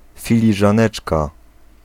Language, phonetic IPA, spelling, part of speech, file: Polish, [ˌfʲilʲiʒãˈnɛt͡ʃka], filiżaneczka, noun, Pl-filiżaneczka.ogg